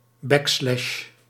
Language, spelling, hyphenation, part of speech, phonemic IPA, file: Dutch, backslash, back‧slash, noun, /ˈbɛkslɛʃ/, Nl-backslash.ogg
- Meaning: backslash